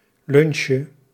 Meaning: diminutive of lunch
- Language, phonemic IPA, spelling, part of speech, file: Dutch, /ˈlʏnʃə/, lunchje, noun, Nl-lunchje.ogg